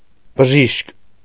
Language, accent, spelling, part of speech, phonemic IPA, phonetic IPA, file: Armenian, Eastern Armenian, բժիշկ, noun, /bəˈʒiʃk/, [bəʒíʃk], Hy-բժիշկ.ogg
- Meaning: doctor, physician